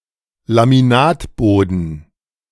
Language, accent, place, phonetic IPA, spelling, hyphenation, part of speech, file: German, Germany, Berlin, [lamiˈnaːtˌboːdn̩], Laminatboden, La‧mi‧nat‧bo‧den, noun, De-Laminatboden.ogg
- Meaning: laminate flooring